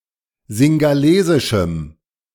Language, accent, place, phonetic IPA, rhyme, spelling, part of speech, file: German, Germany, Berlin, [zɪŋɡaˈleːzɪʃm̩], -eːzɪʃm̩, singhalesischem, adjective, De-singhalesischem.ogg
- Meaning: strong dative masculine/neuter singular of singhalesisch